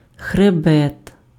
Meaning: 1. spine, spinal column, backbone (also figuratively) 2. crest (of a wave or hill) 3. ridge, range (a chain of mountains)
- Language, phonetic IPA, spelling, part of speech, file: Ukrainian, [xreˈbɛt], хребет, noun, Uk-хребет.ogg